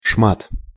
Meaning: piece, bit
- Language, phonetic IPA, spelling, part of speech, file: Russian, [ʂmat], шмат, noun, Ru-шмат.ogg